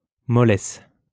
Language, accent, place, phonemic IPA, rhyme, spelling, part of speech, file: French, France, Lyon, /mɔ.lɛs/, -ɛs, mollesse, noun, LL-Q150 (fra)-mollesse.wav
- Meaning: 1. softness 2. lack of vitality, limpness, feebleness, weakness, sluggishness